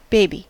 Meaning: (noun) A very young human, particularly from birth to a couple of years old or until walking is fully mastered
- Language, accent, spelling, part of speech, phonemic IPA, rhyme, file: English, General American, baby, noun / adjective / verb, /ˈbeɪ.bi/, -eɪbi, En-us-baby.ogg